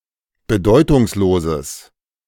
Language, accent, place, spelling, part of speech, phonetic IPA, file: German, Germany, Berlin, bedeutungsloses, adjective, [bəˈdɔɪ̯tʊŋsˌloːzəs], De-bedeutungsloses.ogg
- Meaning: strong/mixed nominative/accusative neuter singular of bedeutungslos